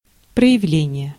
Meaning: 1. manifestation, display, demonstration 2. development
- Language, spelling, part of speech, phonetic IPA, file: Russian, проявление, noun, [prə(j)ɪˈvlʲenʲɪje], Ru-проявление.ogg